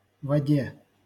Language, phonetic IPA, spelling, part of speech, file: Russian, [vɐˈdʲe], воде, noun, LL-Q7737 (rus)-воде.wav
- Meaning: dative/prepositional singular of вода́ (vodá)